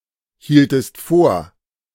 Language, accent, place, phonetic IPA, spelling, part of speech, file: German, Germany, Berlin, [ˌhiːltəst ˈfoːɐ̯], hieltest vor, verb, De-hieltest vor.ogg
- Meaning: inflection of vorhalten: 1. second-person singular preterite 2. second-person singular subjunctive II